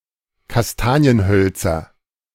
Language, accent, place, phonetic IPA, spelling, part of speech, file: German, Germany, Berlin, [kasˈtaːni̯ənˌhœlt͡sɐ], Kastanienhölzer, noun, De-Kastanienhölzer.ogg
- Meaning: 1. nominative plural of Kastanienholz 2. genitive plural of Kastanienholz 3. accusative plural of Kastanienholz